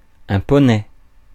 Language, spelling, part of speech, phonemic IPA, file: French, poney, noun, /pɔ.nɛ/, Fr-poney.ogg
- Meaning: pony